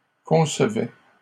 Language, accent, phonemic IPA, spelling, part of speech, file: French, Canada, /kɔ̃s.vɛ/, concevaient, verb, LL-Q150 (fra)-concevaient.wav
- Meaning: third-person plural imperfect indicative of concevoir